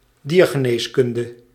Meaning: veterinary medicine
- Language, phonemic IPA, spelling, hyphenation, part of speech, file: Dutch, /ˈdiːr.ɣəˌneːs.kʏn.də/, diergeneeskunde, dier‧ge‧nees‧kun‧de, noun, Nl-diergeneeskunde.ogg